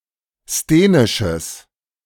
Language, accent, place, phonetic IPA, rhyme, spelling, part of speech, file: German, Germany, Berlin, [steːnɪʃəs], -eːnɪʃəs, sthenisches, adjective, De-sthenisches.ogg
- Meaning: strong/mixed nominative/accusative neuter singular of sthenisch